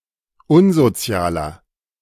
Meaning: 1. comparative degree of unsozial 2. inflection of unsozial: strong/mixed nominative masculine singular 3. inflection of unsozial: strong genitive/dative feminine singular
- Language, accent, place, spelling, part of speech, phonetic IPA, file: German, Germany, Berlin, unsozialer, adjective, [ˈʊnzoˌt͡si̯aːlɐ], De-unsozialer.ogg